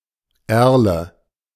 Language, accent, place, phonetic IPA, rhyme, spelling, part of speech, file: German, Germany, Berlin, [ˈɛʁlə], -ɛʁlə, Erle, noun, De-Erle.ogg
- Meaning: alder